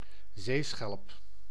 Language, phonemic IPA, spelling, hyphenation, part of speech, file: Dutch, /ˈzeː.sxɛlp/, zeeschelp, zee‧schelp, noun, Nl-zeeschelp.ogg
- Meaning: seashell